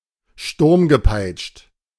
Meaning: stormtossed
- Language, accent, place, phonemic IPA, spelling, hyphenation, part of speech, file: German, Germany, Berlin, /ˈʃtʊʁmɡəˌpaɪ̯t͡ʃt/, sturmgepeitscht, sturm‧ge‧peitscht, adjective, De-sturmgepeitscht.ogg